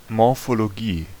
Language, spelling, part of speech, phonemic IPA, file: German, Morphologie, noun, /mɔʁfoloˈɡiː/, De-Morphologie.ogg
- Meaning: morphology (a scientific study of form and structure)